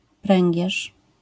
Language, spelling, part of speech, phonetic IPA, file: Polish, pręgierz, noun, [ˈprɛ̃ŋʲɟɛʃ], LL-Q809 (pol)-pręgierz.wav